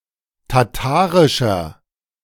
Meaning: inflection of tatarisch: 1. strong/mixed nominative masculine singular 2. strong genitive/dative feminine singular 3. strong genitive plural
- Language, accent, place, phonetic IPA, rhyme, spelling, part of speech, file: German, Germany, Berlin, [taˈtaːʁɪʃɐ], -aːʁɪʃɐ, tatarischer, adjective, De-tatarischer.ogg